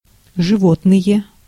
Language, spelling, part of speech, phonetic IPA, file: Russian, животные, noun, [ʐɨˈvotnɨje], Ru-животные.ogg
- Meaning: nominative plural of живо́тное (živótnoje)